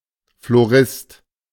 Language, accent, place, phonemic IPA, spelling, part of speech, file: German, Germany, Berlin, /floˈʁɪst/, Florist, noun, De-Florist.ogg
- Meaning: 1. florist (person who has an interest in and knowledge about flowers; male or unspecified sex) 2. florist (person who sells flowers; male or of unspecified sex)